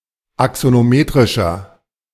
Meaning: inflection of axonometrisch: 1. strong/mixed nominative masculine singular 2. strong genitive/dative feminine singular 3. strong genitive plural
- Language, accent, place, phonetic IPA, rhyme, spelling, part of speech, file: German, Germany, Berlin, [aksonoˈmeːtʁɪʃɐ], -eːtʁɪʃɐ, axonometrischer, adjective, De-axonometrischer.ogg